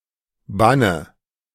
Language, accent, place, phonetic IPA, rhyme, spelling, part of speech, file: German, Germany, Berlin, [ˈbanə], -anə, Banne, proper noun / noun, De-Banne.ogg
- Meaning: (proper noun) a male given name; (noun) nominative/accusative/genitive plural of Bann